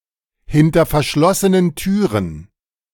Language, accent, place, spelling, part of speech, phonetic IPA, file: German, Germany, Berlin, hinter verschlossenen Türen, phrase, [ˌhɪntɐ fɛɐ̯ˌʃlɔsənən ˈtyːʁən], De-hinter verschlossenen Türen.ogg
- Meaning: behind closed doors